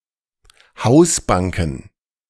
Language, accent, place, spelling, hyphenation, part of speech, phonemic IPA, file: German, Germany, Berlin, Hausbanken, Haus‧ban‧ken, noun, /ˈhaʊ̯sˌbaŋkn̩/, De-Hausbanken.ogg
- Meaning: plural of Hausbank